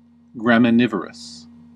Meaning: That eats grasses and seeds
- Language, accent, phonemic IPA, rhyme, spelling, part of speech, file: English, US, /ɡɹæmɪˈnɪvəɹəs/, -ɪvəɹəs, graminivorous, adjective, En-us-graminivorous.ogg